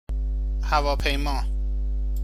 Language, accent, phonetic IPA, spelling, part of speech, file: Persian, Iran, [hæ.vɒː.pʰej.mɒː], هواپیما, noun, Fa-هواپیما.ogg
- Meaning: aeroplane